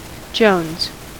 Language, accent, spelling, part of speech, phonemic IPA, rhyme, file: English, US, jones, noun / verb, /d͡ʒoʊnz/, -oʊnz, En-us-jones.ogg
- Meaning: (noun) 1. Heroin 2. An addiction or intense craving; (verb) 1. To have an intense craving for something 2. To binge on cocaine or alcohol 3. third-person singular simple present indicative of jone